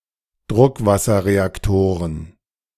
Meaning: plural of Druckwasserreaktor
- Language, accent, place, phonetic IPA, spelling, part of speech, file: German, Germany, Berlin, [ˈdʁʊkvasɐʁeakˌtoːʁən], Druckwasserreaktoren, noun, De-Druckwasserreaktoren.ogg